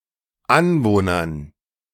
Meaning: dative plural of Anwohner
- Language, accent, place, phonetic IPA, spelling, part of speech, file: German, Germany, Berlin, [ˈanvoːnɐn], Anwohnern, noun, De-Anwohnern.ogg